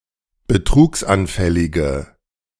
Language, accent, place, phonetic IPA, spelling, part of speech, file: German, Germany, Berlin, [bəˈtʁuːksʔanˌfɛlɪɡə], betrugsanfällige, adjective, De-betrugsanfällige.ogg
- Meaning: inflection of betrugsanfällig: 1. strong/mixed nominative/accusative feminine singular 2. strong nominative/accusative plural 3. weak nominative all-gender singular